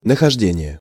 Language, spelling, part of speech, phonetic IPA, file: Russian, нахождение, noun, [nəxɐʐˈdʲenʲɪje], Ru-нахождение.ogg
- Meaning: 1. finding 2. being (at)